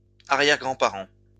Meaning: plural of arrière-grand-parent
- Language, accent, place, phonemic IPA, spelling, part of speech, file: French, France, Lyon, /a.ʁjɛʁ.ɡʁɑ̃.pa.ʁɑ̃/, arrière-grands-parents, noun, LL-Q150 (fra)-arrière-grands-parents.wav